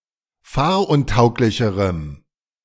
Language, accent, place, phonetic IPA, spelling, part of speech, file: German, Germany, Berlin, [ˈfaːɐ̯ʔʊnˌtaʊ̯klɪçəʁəm], fahruntauglicherem, adjective, De-fahruntauglicherem.ogg
- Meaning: strong dative masculine/neuter singular comparative degree of fahruntauglich